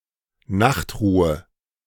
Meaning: 1. sleep ((countable) act or instance of sleeping) 2. quiet hours; noise curfew (overnight period during which noise is expected or required to be reduced)
- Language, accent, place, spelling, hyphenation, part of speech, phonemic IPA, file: German, Germany, Berlin, Nachtruhe, Nacht‧ru‧he, noun, /ˈnaxtˌʁuːə/, De-Nachtruhe.ogg